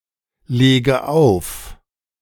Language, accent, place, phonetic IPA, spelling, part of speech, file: German, Germany, Berlin, [ˌleːɡə ˈaʊ̯f], lege auf, verb, De-lege auf.ogg
- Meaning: inflection of auflegen: 1. first-person singular present 2. first/third-person singular subjunctive I 3. singular imperative